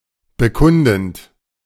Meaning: present participle of bekunden
- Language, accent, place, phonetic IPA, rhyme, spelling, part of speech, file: German, Germany, Berlin, [bəˈkʊndn̩t], -ʊndn̩t, bekundend, verb, De-bekundend.ogg